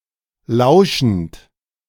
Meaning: present participle of lauschen
- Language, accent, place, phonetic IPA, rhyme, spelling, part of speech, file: German, Germany, Berlin, [ˈlaʊ̯ʃn̩t], -aʊ̯ʃn̩t, lauschend, verb, De-lauschend.ogg